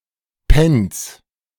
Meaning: nominative/accusative/genitive plural of Penny
- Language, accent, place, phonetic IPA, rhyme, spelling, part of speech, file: German, Germany, Berlin, [ˈpɛns], -ɛns, Pence, noun, De-Pence.ogg